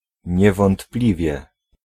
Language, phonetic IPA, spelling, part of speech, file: Polish, [ˌɲɛvɔ̃ntˈplʲivʲjɛ], niewątpliwie, adverb, Pl-niewątpliwie.ogg